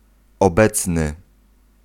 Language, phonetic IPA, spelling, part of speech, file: Polish, [ɔˈbɛt͡snɨ], obecny, adjective, Pl-obecny.ogg